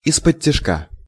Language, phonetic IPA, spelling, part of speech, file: Russian, [ɪspətʲːɪʂˈka], исподтишка, adverb, Ru-исподтишка.ogg
- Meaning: stealthily, on the quiet, on the sly